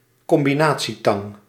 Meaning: combination pliers, lineman's pliers
- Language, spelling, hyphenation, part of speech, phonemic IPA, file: Dutch, combinatietang, com‧bi‧na‧tie‧tang, noun, /kɔm.biˈnaː.(t)siˌtɑŋ/, Nl-combinatietang.ogg